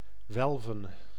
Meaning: 1. to bend like an arch, to arch 2. to be shaped like an arch, to become arch-shaped
- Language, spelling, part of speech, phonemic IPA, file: Dutch, welven, verb, /ˈʋɛl.və(n)/, Nl-welven.ogg